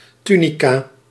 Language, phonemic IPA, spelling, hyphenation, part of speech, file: Dutch, /ˈty.niˌkaː/, tunica, tu‧ni‧ca, noun, Nl-tunica.ogg
- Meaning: Roman tunic